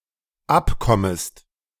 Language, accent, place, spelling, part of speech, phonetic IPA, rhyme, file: German, Germany, Berlin, abkommest, verb, [ˈapˌkɔməst], -apkɔməst, De-abkommest.ogg
- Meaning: second-person singular dependent subjunctive I of abkommen